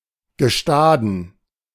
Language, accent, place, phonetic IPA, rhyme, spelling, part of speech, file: German, Germany, Berlin, [ɡəˈʃtaːdn̩], -aːdn̩, Gestaden, noun, De-Gestaden.ogg
- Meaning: dative plural of Gestade